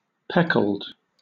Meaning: Speckled, spotted
- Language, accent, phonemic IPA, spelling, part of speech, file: English, Southern England, /ˈpɛkəld/, peckled, adjective, LL-Q1860 (eng)-peckled.wav